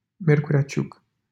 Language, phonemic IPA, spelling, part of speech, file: Romanian, /ˈmjerkure̯a ˈt͡ɕuk/, Miercurea Ciuc, proper noun, LL-Q7913 (ron)-Miercurea Ciuc.wav
- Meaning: a city in Harghita County, Romania